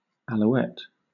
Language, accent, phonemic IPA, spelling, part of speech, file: English, Southern England, /æluˈɛt/, Alouette, noun, LL-Q1860 (eng)-Alouette.wav
- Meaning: A player for Canadian Football League's Montreal Alouettes